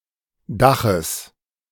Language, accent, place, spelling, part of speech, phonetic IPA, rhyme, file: German, Germany, Berlin, Daches, noun, [ˈdaxəs], -axəs, De-Daches.ogg
- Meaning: genitive singular of Dach